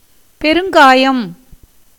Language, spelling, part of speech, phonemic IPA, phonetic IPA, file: Tamil, பெருங்காயம், noun, /pɛɾʊŋɡɑːjɐm/, [pe̞ɾʊŋɡäːjɐm], Ta-பெருங்காயம்.ogg
- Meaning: 1. asafoetida 2. asafoetida, the resinous product of Ferula